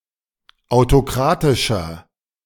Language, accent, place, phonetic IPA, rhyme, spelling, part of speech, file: German, Germany, Berlin, [aʊ̯toˈkʁaːtɪʃɐ], -aːtɪʃɐ, autokratischer, adjective, De-autokratischer.ogg
- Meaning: 1. comparative degree of autokratisch 2. inflection of autokratisch: strong/mixed nominative masculine singular 3. inflection of autokratisch: strong genitive/dative feminine singular